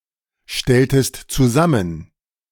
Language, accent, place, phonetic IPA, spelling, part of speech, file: German, Germany, Berlin, [ˌʃtɛltəst t͡suˈzamən], stelltest zusammen, verb, De-stelltest zusammen.ogg
- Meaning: inflection of zusammenstellen: 1. second-person singular preterite 2. second-person singular subjunctive II